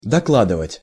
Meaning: 1. to report, to announce (to notify formally) 2. to add more, to put more (e.g. into a portion)
- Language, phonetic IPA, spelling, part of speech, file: Russian, [dɐˈkɫadɨvətʲ], докладывать, verb, Ru-докладывать.ogg